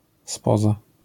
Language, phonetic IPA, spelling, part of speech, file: Polish, [ˈspɔza], spoza, preposition, LL-Q809 (pol)-spoza.wav